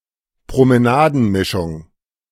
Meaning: mongrel (mixed-breed dog)
- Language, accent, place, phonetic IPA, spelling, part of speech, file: German, Germany, Berlin, [pʁoməˈnaːdn̩ˌmɪʃʊŋ], Promenadenmischung, noun, De-Promenadenmischung.ogg